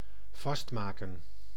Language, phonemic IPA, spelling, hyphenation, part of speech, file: Dutch, /ˈvɑstˌmaː.kə(n)/, vastmaken, vast‧ma‧ken, verb, Nl-vastmaken.ogg
- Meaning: to attach, fasten